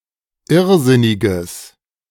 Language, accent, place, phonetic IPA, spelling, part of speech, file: German, Germany, Berlin, [ˈɪʁˌzɪnɪɡəs], irrsinniges, adjective, De-irrsinniges.ogg
- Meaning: strong/mixed nominative/accusative neuter singular of irrsinnig